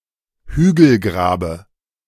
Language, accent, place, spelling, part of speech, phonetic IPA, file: German, Germany, Berlin, Hügelgrabe, noun, [ˈhyːɡl̩ˌɡʁaːbə], De-Hügelgrabe.ogg
- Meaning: dative singular of Hügelgrab